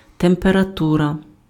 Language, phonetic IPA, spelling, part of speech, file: Ukrainian, [temperɐˈturɐ], температура, noun, Uk-температура.ogg
- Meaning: temperature